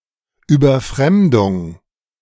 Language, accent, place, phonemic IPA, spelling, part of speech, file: German, Germany, Berlin, /yːbɐˈfʁɛmdʊŋ/, Überfremdung, noun, De-Überfremdung.ogg
- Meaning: excessive immigration